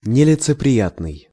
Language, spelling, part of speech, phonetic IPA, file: Russian, нелицеприятный, adjective, [nʲɪlʲɪt͡sɨprʲɪˈjatnɨj], Ru-нелицеприятный.ogg
- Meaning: 1. (archaic) impartial, unbiased, unprejudiced 2. unpleasant, offensive